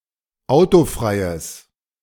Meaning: strong/mixed nominative/accusative neuter singular of autofrei
- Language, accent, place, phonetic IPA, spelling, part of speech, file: German, Germany, Berlin, [ˈaʊ̯toˌfʁaɪ̯əs], autofreies, adjective, De-autofreies.ogg